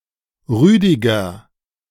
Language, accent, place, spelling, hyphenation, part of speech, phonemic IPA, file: German, Germany, Berlin, Rüdiger, Rü‧di‧ger, proper noun, /ˈʁyːdɪɡə/, De-Rüdiger.ogg
- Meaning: 1. a male given name, equivalent to English Roger 2. a surname originating as a patronymic